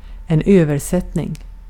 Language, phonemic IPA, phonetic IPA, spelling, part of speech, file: Swedish, /²øːvɛʂɛtːnɪŋ/, [²øːvɛsɛtːnɪŋ], översättning, noun, Sv-översättning.ogg
- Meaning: translation